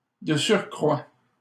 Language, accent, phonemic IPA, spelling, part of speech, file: French, Canada, /də syʁ.kʁwa/, de surcroît, adverb, LL-Q150 (fra)-de surcroît.wav
- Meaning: besides, moreover, furthermore